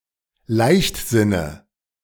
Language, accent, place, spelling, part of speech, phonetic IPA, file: German, Germany, Berlin, Leichtsinne, noun, [ˈlaɪ̯çtˌzɪnə], De-Leichtsinne.ogg
- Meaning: dative singular of Leichtsinn